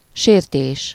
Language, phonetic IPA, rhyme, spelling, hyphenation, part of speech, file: Hungarian, [ˈʃeːrteːʃ], -eːʃ, sértés, sér‧tés, noun, Hu-sértés.ogg
- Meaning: 1. offence, insult, affront (emotional) 2. transgression, breach, violation (a breaking or infraction of a law, or of any obligation or tie; non-fulfillment) 3. (bodily) harm, assault